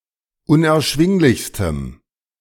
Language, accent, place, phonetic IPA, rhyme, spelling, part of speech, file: German, Germany, Berlin, [ʊnʔɛɐ̯ˈʃvɪŋlɪçstəm], -ɪŋlɪçstəm, unerschwinglichstem, adjective, De-unerschwinglichstem.ogg
- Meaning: strong dative masculine/neuter singular superlative degree of unerschwinglich